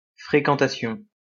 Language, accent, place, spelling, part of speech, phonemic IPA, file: French, France, Lyon, fréquentation, noun, /fʁe.kɑ̃.ta.sjɔ̃/, LL-Q150 (fra)-fréquentation.wav
- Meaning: 1. company, companionship 2. activity 3. frequentation